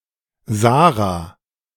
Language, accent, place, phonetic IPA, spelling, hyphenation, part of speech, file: German, Germany, Berlin, [ˈzaːʁa], Sarah, Sa‧rah, proper noun, De-Sarah.ogg
- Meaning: 1. Sarah 2. a female given name from Biblical Hebrew